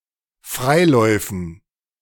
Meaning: dative plural of Freilauf
- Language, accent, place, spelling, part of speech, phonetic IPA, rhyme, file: German, Germany, Berlin, Freiläufen, noun, [ˈfʁaɪ̯ˌlɔɪ̯fn̩], -aɪ̯lɔɪ̯fn̩, De-Freiläufen.ogg